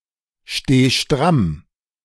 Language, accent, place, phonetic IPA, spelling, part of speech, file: German, Germany, Berlin, [ˌʃteː ˈʃtʁam], steh stramm, verb, De-steh stramm.ogg
- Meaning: singular imperative of strammstehen